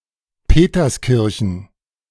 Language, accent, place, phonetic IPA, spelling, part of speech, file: German, Germany, Berlin, [ˈpeːtɐsˌkɪʁçn̩], Peterskirchen, noun, De-Peterskirchen.ogg
- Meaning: a municipality of Upper Austria, Austria